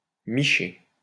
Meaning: john (prostitute's client)
- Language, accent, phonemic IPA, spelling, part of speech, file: French, France, /mi.ʃe/, miché, noun, LL-Q150 (fra)-miché.wav